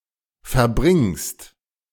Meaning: second-person singular present of verbringen
- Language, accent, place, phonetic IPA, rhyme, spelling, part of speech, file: German, Germany, Berlin, [fɛɐ̯ˈbʁɪŋst], -ɪŋst, verbringst, verb, De-verbringst.ogg